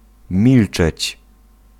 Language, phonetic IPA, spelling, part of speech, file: Polish, [ˈmʲilt͡ʃɛt͡ɕ], milczeć, verb, Pl-milczeć.ogg